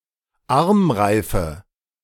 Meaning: nominative/accusative/genitive plural of Armreif
- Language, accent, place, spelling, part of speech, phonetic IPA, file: German, Germany, Berlin, Armreife, noun, [ˈaʁmˌʁaɪ̯fə], De-Armreife.ogg